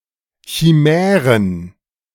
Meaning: plural of Chimäre
- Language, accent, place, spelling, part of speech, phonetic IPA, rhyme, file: German, Germany, Berlin, Chimären, noun, [çiˈmɛːʁən], -ɛːʁən, De-Chimären.ogg